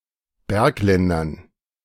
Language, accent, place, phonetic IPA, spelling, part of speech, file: German, Germany, Berlin, [ˈbɛʁkˌlɛndɐn], Bergländern, noun, De-Bergländern.ogg
- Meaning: dative plural of Bergland